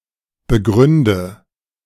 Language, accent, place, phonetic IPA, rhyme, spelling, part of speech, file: German, Germany, Berlin, [bəˈɡʁʏndə], -ʏndə, begründe, verb, De-begründe.ogg
- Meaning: inflection of begründen: 1. first-person singular present 2. first/third-person singular subjunctive I 3. singular imperative